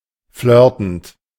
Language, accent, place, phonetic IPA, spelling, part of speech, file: German, Germany, Berlin, [ˈflœːɐ̯tn̩t], flirtend, verb, De-flirtend.ogg
- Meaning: present participle of flirten